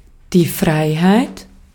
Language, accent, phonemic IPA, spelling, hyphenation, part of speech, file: German, Austria, /ˈfʁaɪ̯haɪ̯t/, Freiheit, Frei‧heit, noun, De-at-Freiheit.ogg
- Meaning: 1. freedom 2. liberty 3. clearance